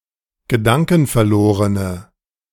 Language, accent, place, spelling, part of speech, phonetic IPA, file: German, Germany, Berlin, gedankenverlorene, adjective, [ɡəˈdaŋkn̩fɛɐ̯ˌloːʁənə], De-gedankenverlorene.ogg
- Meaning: inflection of gedankenverloren: 1. strong/mixed nominative/accusative feminine singular 2. strong nominative/accusative plural 3. weak nominative all-gender singular